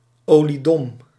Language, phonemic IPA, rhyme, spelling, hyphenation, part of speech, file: Dutch, /ˌoː.liˈdɔm/, -ɔm, oliedom, olie‧dom, adjective, Nl-oliedom.ogg
- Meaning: extremely stupid (very unclever)